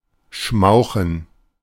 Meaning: 1. to give off dense smoke 2. to smoke, especially with ease, to puff away at
- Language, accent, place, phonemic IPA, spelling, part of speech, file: German, Germany, Berlin, /ˈʃmaʊ̯xən/, schmauchen, verb, De-schmauchen.ogg